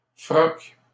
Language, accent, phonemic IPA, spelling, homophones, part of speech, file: French, Canada, /fʁɔk/, froc, frocs, noun, LL-Q150 (fra)-froc.wav
- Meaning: 1. frock (clerical garment) 2. the clerical profession 3. pants; trousers